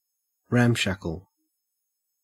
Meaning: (adjective) 1. In disrepair or disorder; poorly maintained; lacking upkeep, usually of buildings or vehicles 2. Badly or carelessly organized; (verb) To ransack
- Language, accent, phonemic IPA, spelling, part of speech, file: English, Australia, /ˈɹæmˌʃæk.əl/, ramshackle, adjective / verb, En-au-ramshackle.ogg